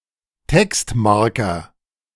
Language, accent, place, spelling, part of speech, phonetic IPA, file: German, Germany, Berlin, Textmarker, noun, [ˈtɛkstˌmaʁkɐ], De-Textmarker.ogg
- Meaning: highlighter, marker, marking pen (pen for highlighting)